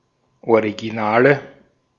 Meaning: nominative/accusative/genitive plural of Original
- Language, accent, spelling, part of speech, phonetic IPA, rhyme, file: German, Austria, Originale, noun, [oʁiɡiˈnaːlə], -aːlə, De-at-Originale.ogg